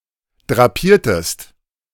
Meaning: inflection of drapieren: 1. second-person singular preterite 2. second-person singular subjunctive II
- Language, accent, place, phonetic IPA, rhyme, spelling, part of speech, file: German, Germany, Berlin, [dʁaˈpiːɐ̯təst], -iːɐ̯təst, drapiertest, verb, De-drapiertest.ogg